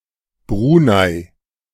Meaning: Brunei (a country in Southeast Asia)
- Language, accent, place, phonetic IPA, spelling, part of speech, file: German, Germany, Berlin, [ˈbʁuːnaɪ̯], Brunei, proper noun, De-Brunei.ogg